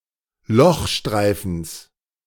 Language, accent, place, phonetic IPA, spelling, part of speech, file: German, Germany, Berlin, [ˈlɔxˌʃtʁaɪ̯fn̩s], Lochstreifens, noun, De-Lochstreifens.ogg
- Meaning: genitive singular of Lochstreifen